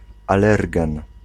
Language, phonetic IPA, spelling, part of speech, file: Polish, [aˈlɛrɡɛ̃n], alergen, noun, Pl-alergen.ogg